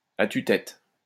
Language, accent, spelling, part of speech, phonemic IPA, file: French, France, à tue-tête, adverb, /a ty.tɛt/, LL-Q150 (fra)-à tue-tête.wav
- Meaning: at the top of one's voice, at the top of one's lungs